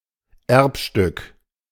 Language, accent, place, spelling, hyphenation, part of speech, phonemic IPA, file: German, Germany, Berlin, Erbstück, Erb‧stück, noun, /ˈɛʁpˌʃtʏk/, De-Erbstück.ogg
- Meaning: heirloom